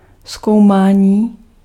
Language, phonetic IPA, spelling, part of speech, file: Czech, [ˈskou̯maːɲiː], zkoumání, noun, Cs-zkoumání.ogg
- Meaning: 1. verbal noun of zkoumat 2. enquiry, inquiry